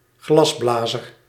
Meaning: a glassblower
- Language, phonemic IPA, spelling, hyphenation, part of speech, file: Dutch, /ˈɣlɑsˌblaː.zər/, glasblazer, glas‧bla‧zer, noun, Nl-glasblazer.ogg